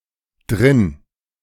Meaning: inside
- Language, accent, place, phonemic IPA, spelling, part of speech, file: German, Germany, Berlin, /dʁɪn/, drin, adverb, De-drin.ogg